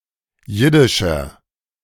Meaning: inflection of jiddisch: 1. strong/mixed nominative masculine singular 2. strong genitive/dative feminine singular 3. strong genitive plural
- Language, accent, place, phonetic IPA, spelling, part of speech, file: German, Germany, Berlin, [ˈjɪdɪʃɐ], jiddischer, adjective, De-jiddischer.ogg